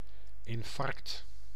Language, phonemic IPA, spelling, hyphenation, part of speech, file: Dutch, /ɪnˈfɑrkt/, infarct, in‧farct, noun, Nl-infarct.ogg
- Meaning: infarct